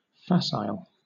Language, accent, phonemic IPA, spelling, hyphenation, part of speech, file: English, Southern England, /ˈfæs.aɪl/, facile, fac‧ile, adjective, LL-Q1860 (eng)-facile.wav
- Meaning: 1. Easy; contemptibly easy 2. Amiable, flexible, easy to get along with 3. Effortless, fluent (of work, abilities etc.) 4. Lazy, simplistic, superficial (especially of explanations, discussions etc.)